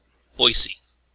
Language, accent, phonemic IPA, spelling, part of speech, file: English, US, /ˈbɔɪsi/, Boise, proper noun, EN-US-Boise.ogg
- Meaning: A river in Idaho; flowing 102 miles from the confluence of the North and Middle forks in the Sawtooth Range into the Snake near Parma